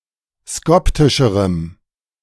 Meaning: strong dative masculine/neuter singular comparative degree of skoptisch
- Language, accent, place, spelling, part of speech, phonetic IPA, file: German, Germany, Berlin, skoptischerem, adjective, [ˈskɔptɪʃəʁəm], De-skoptischerem.ogg